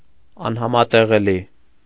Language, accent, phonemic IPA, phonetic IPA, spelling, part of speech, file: Armenian, Eastern Armenian, /ɑnhɑmɑteʁeˈli/, [ɑnhɑmɑteʁelí], անհամատեղելի, adjective, Hy-անհամատեղելի .ogg
- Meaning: incompatible